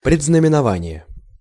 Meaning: omen, augury, presage (warning of a future event)
- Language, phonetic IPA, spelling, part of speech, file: Russian, [prʲɪd͡znəmʲɪnɐˈvanʲɪje], предзнаменование, noun, Ru-предзнаменование.ogg